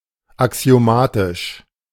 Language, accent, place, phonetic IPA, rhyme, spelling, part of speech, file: German, Germany, Berlin, [aksi̯oˈmaːtɪʃ], -aːtɪʃ, axiomatisch, adjective, De-axiomatisch.ogg
- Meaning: axiomatic